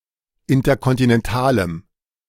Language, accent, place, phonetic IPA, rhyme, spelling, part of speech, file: German, Germany, Berlin, [ˌɪntɐkɔntinɛnˈtaːləm], -aːləm, interkontinentalem, adjective, De-interkontinentalem.ogg
- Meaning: strong dative masculine/neuter singular of interkontinental